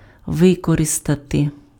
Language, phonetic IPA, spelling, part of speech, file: Ukrainian, [ˈʋɪkɔrestɐte], використати, verb, Uk-використати.ogg
- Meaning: to use